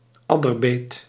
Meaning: viper bite
- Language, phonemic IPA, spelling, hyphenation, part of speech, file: Dutch, /ˈɑ.dərˌbeːt/, adderbeet, ad‧der‧beet, noun, Nl-adderbeet.ogg